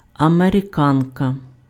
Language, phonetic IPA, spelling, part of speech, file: Ukrainian, [ɐmereˈkankɐ], американка, noun, Uk-американка.ogg
- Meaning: 1. female equivalent of америка́нець (amerykánecʹ, “American”) 2. а sort of high-wheeled sulky, first presented in Russia in 1889 by American sportsmen